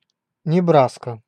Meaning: Nebraska (a state in the Midwestern region of the United States)
- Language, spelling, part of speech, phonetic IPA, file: Russian, Небраска, proper noun, [nʲɪˈbraskə], Ru-Небраска.ogg